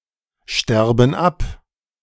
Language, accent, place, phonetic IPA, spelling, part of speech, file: German, Germany, Berlin, [ˌʃtɛʁbn̩ ˈap], sterben ab, verb, De-sterben ab.ogg
- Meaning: inflection of absterben: 1. first/third-person plural present 2. first/third-person plural subjunctive I